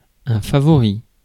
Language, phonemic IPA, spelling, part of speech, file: French, /fa.vɔ.ʁi/, favori, adjective / noun, Fr-favori.ogg
- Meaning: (adjective) favo(u)rite; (noun) sideburns, side whiskers